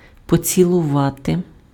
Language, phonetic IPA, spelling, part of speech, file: Ukrainian, [pɔt͡sʲiɫʊˈʋate], поцілувати, verb, Uk-поцілувати.ogg
- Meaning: to kiss